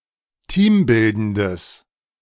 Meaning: strong/mixed nominative/accusative neuter singular of teambildend
- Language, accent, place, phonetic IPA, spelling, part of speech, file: German, Germany, Berlin, [ˈtiːmˌbɪldəndəs], teambildendes, adjective, De-teambildendes.ogg